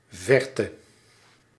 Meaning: distance (typically not as a physical quantity)
- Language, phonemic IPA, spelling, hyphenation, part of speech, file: Dutch, /ˈvɛr.tə/, verte, ver‧te, noun, Nl-verte.ogg